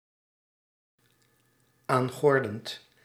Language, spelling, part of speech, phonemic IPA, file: Dutch, aangordend, verb, /ˈaŋɣɔrdənt/, Nl-aangordend.ogg
- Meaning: present participle of aangorden